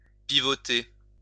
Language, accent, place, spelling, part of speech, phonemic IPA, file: French, France, Lyon, pivoter, verb, /pi.vɔ.te/, LL-Q150 (fra)-pivoter.wav
- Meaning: 1. to pivot, swivel, revolve 2. to turn on one's heel